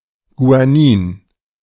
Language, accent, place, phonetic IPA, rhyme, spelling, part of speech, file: German, Germany, Berlin, [ɡuaˈniːn], -iːn, Guanin, noun, De-Guanin.ogg
- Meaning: guanine